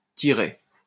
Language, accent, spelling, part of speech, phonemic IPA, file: French, France, tiret, noun, /ti.ʁɛ/, LL-Q150 (fra)-tiret.wav
- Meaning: 1. dash (punctuation) 2. a string used to tie papers together